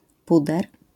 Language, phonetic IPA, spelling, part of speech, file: Polish, [ˈpudɛr], puder, noun, LL-Q809 (pol)-puder.wav